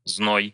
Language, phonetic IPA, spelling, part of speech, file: Russian, [znoj], зной, noun, Ru-зной.ogg
- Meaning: heatwave, heat, swelter